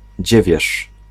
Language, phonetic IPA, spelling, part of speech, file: Polish, [ˈd͡ʑɛvʲjɛʃ], dziewierz, noun, Pl-dziewierz.ogg